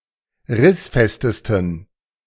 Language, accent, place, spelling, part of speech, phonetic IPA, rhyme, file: German, Germany, Berlin, rissfestesten, adjective, [ˈʁɪsˌfɛstəstn̩], -ɪsfɛstəstn̩, De-rissfestesten.ogg
- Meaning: 1. superlative degree of rissfest 2. inflection of rissfest: strong genitive masculine/neuter singular superlative degree